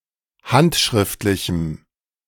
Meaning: strong dative masculine/neuter singular of handschriftlich
- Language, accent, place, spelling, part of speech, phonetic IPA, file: German, Germany, Berlin, handschriftlichem, adjective, [ˈhantʃʁɪftlɪçm̩], De-handschriftlichem.ogg